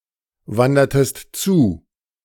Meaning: inflection of zuwandern: 1. second-person singular preterite 2. second-person singular subjunctive II
- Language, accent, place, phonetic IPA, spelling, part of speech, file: German, Germany, Berlin, [ˌvandɐtəst ˈt͡suː], wandertest zu, verb, De-wandertest zu.ogg